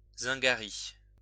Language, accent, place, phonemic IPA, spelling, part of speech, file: French, France, Lyon, /zɛ̃.ɡa.ʁi/, zingari, noun, LL-Q150 (fra)-zingari.wav
- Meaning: plural of zingaro